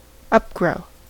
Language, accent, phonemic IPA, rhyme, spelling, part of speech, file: English, US, /ʌpˈɡɹəʊ/, -əʊ, upgrow, verb, En-us-upgrow.ogg
- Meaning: To grow up